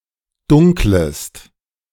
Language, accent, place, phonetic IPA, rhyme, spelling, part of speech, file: German, Germany, Berlin, [ˈdʊŋkləst], -ʊŋkləst, dunklest, verb, De-dunklest.ogg
- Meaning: second-person singular subjunctive I of dunkeln